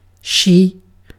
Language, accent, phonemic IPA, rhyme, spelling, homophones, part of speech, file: English, UK, /ʃiː/, -iː, she, sidhe / Xi / shee, pronoun / noun / verb / determiner, En-uk-she.ogg
- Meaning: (pronoun) 1. The female (typically) person or animal previously mentioned or implied 2. A ship or boat 3. A country, or sometimes a city, province, planet, etc